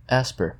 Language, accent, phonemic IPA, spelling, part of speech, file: English, US, /ˈæspəɹ/, asper, adjective / noun, En-us-asper.ogg
- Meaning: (adjective) Rough or harsh; severe, stern, serious; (noun) Rough breathing; a mark (#) indicating that part of a word is aspirated, or pronounced with h before it